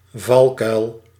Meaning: 1. pitfall (type of trap) 2. pitfall (hazard in general)
- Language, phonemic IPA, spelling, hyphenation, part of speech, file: Dutch, /ˈvɑlˌkœy̯l/, valkuil, val‧kuil, noun, Nl-valkuil.ogg